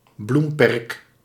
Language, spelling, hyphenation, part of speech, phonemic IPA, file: Dutch, bloemperk, bloem‧perk, noun, /ˈblum.pɛrk/, Nl-bloemperk.ogg
- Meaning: flower bed